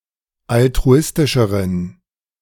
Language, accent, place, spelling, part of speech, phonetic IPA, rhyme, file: German, Germany, Berlin, altruistischeren, adjective, [altʁuˈɪstɪʃəʁən], -ɪstɪʃəʁən, De-altruistischeren.ogg
- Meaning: inflection of altruistisch: 1. strong genitive masculine/neuter singular comparative degree 2. weak/mixed genitive/dative all-gender singular comparative degree